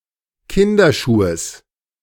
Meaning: genitive singular of Kinderschuh
- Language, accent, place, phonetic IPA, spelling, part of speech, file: German, Germany, Berlin, [ˈkɪndɐˌʃuːəs], Kinderschuhes, noun, De-Kinderschuhes.ogg